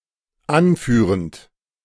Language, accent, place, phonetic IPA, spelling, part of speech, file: German, Germany, Berlin, [ˈanˌfyːʁənt], anführend, verb, De-anführend.ogg
- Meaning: present participle of anführen